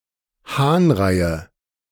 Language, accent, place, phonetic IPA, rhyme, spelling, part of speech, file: German, Germany, Berlin, [ˈhaːnˌʁaɪ̯ə], -aːnʁaɪ̯ə, Hahnreie, noun, De-Hahnreie.ogg
- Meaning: nominative/accusative/genitive plural of Hahnrei